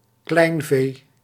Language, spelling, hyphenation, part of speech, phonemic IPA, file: Dutch, kleinvee, klein‧vee, noun, /ˈklɛi̯n.veː/, Nl-kleinvee.ogg
- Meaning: sheep and goats (sometimes also including pigs, fowl or even bees); defined as smaller-sized livestock